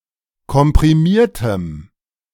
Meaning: strong dative masculine/neuter singular of komprimiert
- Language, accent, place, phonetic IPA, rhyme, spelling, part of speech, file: German, Germany, Berlin, [kɔmpʁiˈmiːɐ̯təm], -iːɐ̯təm, komprimiertem, adjective, De-komprimiertem.ogg